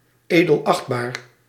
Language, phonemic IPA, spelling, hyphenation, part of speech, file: Dutch, /ˌeː.dəlˈɑxt.baːr/, edelachtbaar, edel‧acht‧baar, adjective, Nl-edelachtbaar.ogg
- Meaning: a title to address judges; Your Honor